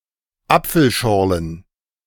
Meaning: plural of Apfelschorle
- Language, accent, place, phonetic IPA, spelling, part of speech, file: German, Germany, Berlin, [ˈap͡fl̩ˌʃɔʁlən], Apfelschorlen, noun, De-Apfelschorlen.ogg